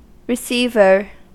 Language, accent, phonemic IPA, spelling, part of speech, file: English, US, /ɹəˈsi.vɚ/, receiver, noun, En-us-receiver.ogg
- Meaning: A person who receives.: 1. An official whose job is to receive taxes or other monies; a tax collector, a treasurer 2. A person who receives something in a general sense; a recipient